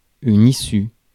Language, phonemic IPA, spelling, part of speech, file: French, /i.sy/, issue, noun / adjective, Fr-issue.ogg
- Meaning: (noun) 1. exit, way out 2. outcome, result 3. end, conclusion; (adjective) feminine singular of issu